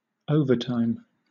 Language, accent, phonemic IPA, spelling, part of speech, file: English, Southern England, /ˈəʊ.və.taɪm/, overtime, noun / adverb / verb / prepositional phrase, LL-Q1860 (eng)-overtime.wav
- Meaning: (noun) 1. Working time outside of one's regular hours 2. The rate of pay, usually higher, for work done outside of or in addition to regular hours